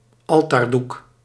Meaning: altar cloth (piece of cloth covering an altar)
- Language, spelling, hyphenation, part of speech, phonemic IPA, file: Dutch, altaardoek, al‧taar‧doek, noun, /ˈɑl.taːrˌduk/, Nl-altaardoek.ogg